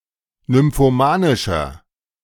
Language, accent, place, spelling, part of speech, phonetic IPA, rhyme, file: German, Germany, Berlin, nymphomanischer, adjective, [nʏmfoˈmaːnɪʃɐ], -aːnɪʃɐ, De-nymphomanischer.ogg
- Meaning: inflection of nymphomanisch: 1. strong/mixed nominative masculine singular 2. strong genitive/dative feminine singular 3. strong genitive plural